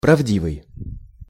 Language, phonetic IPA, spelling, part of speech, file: Russian, [prɐvˈdʲivɨj], правдивый, adjective, Ru-правдивый.ogg
- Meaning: true, truthful